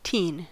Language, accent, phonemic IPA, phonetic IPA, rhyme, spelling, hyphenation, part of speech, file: English, US, /ˈtiːn/, [ˈtʰɪi̯n], -iːn, teen, teen, noun / adjective / verb, En-us-teen.ogg
- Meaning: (noun) 1. Synonym of teenager: a person between 13 and 19 years old (inclusive) 2. A black teenager or a young black person; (adjective) Of or having to do with teenagers; teenage